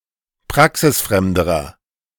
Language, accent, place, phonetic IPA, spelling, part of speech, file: German, Germany, Berlin, [ˈpʁaksɪsˌfʁɛmdəʁɐ], praxisfremderer, adjective, De-praxisfremderer.ogg
- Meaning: inflection of praxisfremd: 1. strong/mixed nominative masculine singular comparative degree 2. strong genitive/dative feminine singular comparative degree 3. strong genitive plural comparative degree